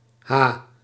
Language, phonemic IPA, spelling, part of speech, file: Dutch, /ha/, ha, interjection, Nl-ha.ogg
- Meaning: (symbol) abbreviation of hectare; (interjection) ha